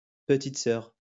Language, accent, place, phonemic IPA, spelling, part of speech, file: French, France, Lyon, /pə.tit sœʁ/, petite sœur, noun, LL-Q150 (fra)-petite sœur.wav
- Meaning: 1. little sister 2. another drink like the one before; the same again